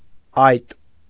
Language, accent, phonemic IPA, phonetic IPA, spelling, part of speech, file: Armenian, Eastern Armenian, /ɑjt/, [ɑjt], այտ, noun, Hy-այտ.ogg
- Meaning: cheek